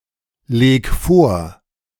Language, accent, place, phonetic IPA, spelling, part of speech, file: German, Germany, Berlin, [ˌleːk ˈfoːɐ̯], leg vor, verb, De-leg vor.ogg
- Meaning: 1. singular imperative of vorlegen 2. first-person singular present of vorlegen